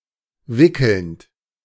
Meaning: present participle of wickeln
- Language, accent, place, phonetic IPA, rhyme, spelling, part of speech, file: German, Germany, Berlin, [ˈvɪkl̩nt], -ɪkl̩nt, wickelnd, verb, De-wickelnd.ogg